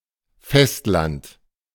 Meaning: 1. mainland (the main landmass of a country or continent) 2. dry land, solid ground
- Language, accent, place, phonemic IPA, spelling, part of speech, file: German, Germany, Berlin, /ˈfɛstˌlant/, Festland, noun, De-Festland.ogg